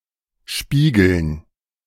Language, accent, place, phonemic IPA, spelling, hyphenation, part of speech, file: German, Germany, Berlin, /ˈʃpiːɡəln/, Spiegeln, Spie‧geln, noun, De-Spiegeln.ogg
- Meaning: 1. gerund of spiegeln 2. dative plural of Spiegel